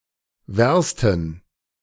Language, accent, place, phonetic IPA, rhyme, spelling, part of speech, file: German, Germany, Berlin, [ˈvɛʁstn̩], -ɛʁstn̩, Wersten, noun, De-Wersten.ogg
- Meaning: plural of Werst